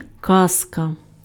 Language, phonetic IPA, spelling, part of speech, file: Ukrainian, [ˈkazkɐ], казка, noun, Uk-казка.ogg
- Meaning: fairy tale